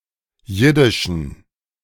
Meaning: inflection of jiddisch: 1. strong genitive masculine/neuter singular 2. weak/mixed genitive/dative all-gender singular 3. strong/weak/mixed accusative masculine singular 4. strong dative plural
- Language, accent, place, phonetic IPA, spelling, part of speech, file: German, Germany, Berlin, [ˈjɪdɪʃn̩], jiddischen, adjective, De-jiddischen.ogg